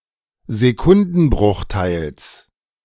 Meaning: genitive singular of Sekundenbruchteil
- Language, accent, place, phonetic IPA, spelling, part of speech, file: German, Germany, Berlin, [zeˈkʊndn̩ˌbʁʊxtaɪ̯ls], Sekundenbruchteils, noun, De-Sekundenbruchteils.ogg